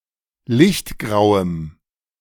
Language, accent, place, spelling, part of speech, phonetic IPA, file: German, Germany, Berlin, lichtgrauem, adjective, [ˈlɪçtˌɡʁaʊ̯əm], De-lichtgrauem.ogg
- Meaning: strong dative masculine/neuter singular of lichtgrau